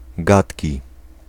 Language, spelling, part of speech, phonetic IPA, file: Polish, gatki, noun, [ˈɡatʲci], Pl-gatki.ogg